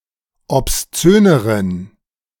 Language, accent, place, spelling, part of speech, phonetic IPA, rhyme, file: German, Germany, Berlin, obszöneren, adjective, [ɔpsˈt͡søːnəʁən], -øːnəʁən, De-obszöneren.ogg
- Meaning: inflection of obszön: 1. strong genitive masculine/neuter singular comparative degree 2. weak/mixed genitive/dative all-gender singular comparative degree